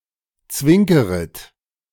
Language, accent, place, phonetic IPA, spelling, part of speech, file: German, Germany, Berlin, [ˈt͡svɪŋkəʁət], zwinkeret, verb, De-zwinkeret.ogg
- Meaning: second-person plural subjunctive I of zwinkern